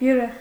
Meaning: 1. crystal 2. beryl 3. cut glass, crystal (glassware)
- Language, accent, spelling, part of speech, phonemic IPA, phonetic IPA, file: Armenian, Eastern Armenian, բյուրեղ, noun, /bjuˈɾeʁ/, [bjuɾéʁ], Hy-բյուրեղ.ogg